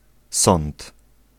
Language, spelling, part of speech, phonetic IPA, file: Polish, sąd, noun, [sɔ̃nt], Pl-sąd.ogg